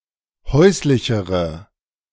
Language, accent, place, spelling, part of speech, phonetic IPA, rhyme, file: German, Germany, Berlin, häuslichere, adjective, [ˈhɔɪ̯slɪçəʁə], -ɔɪ̯slɪçəʁə, De-häuslichere.ogg
- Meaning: inflection of häuslich: 1. strong/mixed nominative/accusative feminine singular comparative degree 2. strong nominative/accusative plural comparative degree